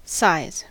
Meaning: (noun) 1. The dimensions or magnitude of a thing; how big something is 2. A specific set of dimensions for a manufactured article, especially clothing 3. The number of edges in a graph
- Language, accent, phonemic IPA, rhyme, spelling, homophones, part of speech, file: English, US, /saɪz/, -aɪz, size, psis / scise / sighs, noun / verb, En-us-size.ogg